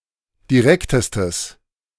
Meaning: strong/mixed nominative/accusative neuter singular superlative degree of direkt
- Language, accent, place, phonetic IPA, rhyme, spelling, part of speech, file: German, Germany, Berlin, [diˈʁɛktəstəs], -ɛktəstəs, direktestes, adjective, De-direktestes.ogg